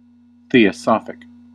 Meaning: Of, or relating to theosophy
- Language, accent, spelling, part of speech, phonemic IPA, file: English, US, theosophic, adjective, /ˌθi.əˈsɑ.fɪk/, En-us-theosophic.ogg